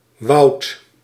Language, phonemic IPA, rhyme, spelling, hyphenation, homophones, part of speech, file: Dutch, /ʋɑu̯t/, -ɑu̯t, wout, wout, woud / Woud / woudt, noun, Nl-wout.ogg
- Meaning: synonym of politieagent